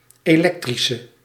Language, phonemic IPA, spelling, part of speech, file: Dutch, /eˈlɛktrisə/, elektrische, adjective, Nl-elektrische.ogg
- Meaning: inflection of elektrisch: 1. masculine/feminine singular attributive 2. definite neuter singular attributive 3. plural attributive